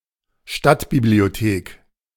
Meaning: town library, city library
- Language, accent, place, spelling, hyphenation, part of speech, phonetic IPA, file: German, Germany, Berlin, Stadtbibliothek, Stadt‧bi‧b‧lio‧thek, noun, [ˈʃtatbiblioˌteːk], De-Stadtbibliothek.ogg